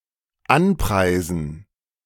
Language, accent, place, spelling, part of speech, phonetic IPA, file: German, Germany, Berlin, anpreisen, verb, [ˈanˌpʁaɪ̯zn̩], De-anpreisen.ogg
- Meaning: 1. to praise, to advertise 2. to affix price tags on store merchandise